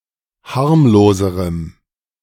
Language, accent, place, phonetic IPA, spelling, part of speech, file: German, Germany, Berlin, [ˈhaʁmloːzəʁəm], harmloserem, adjective, De-harmloserem.ogg
- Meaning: strong dative masculine/neuter singular comparative degree of harmlos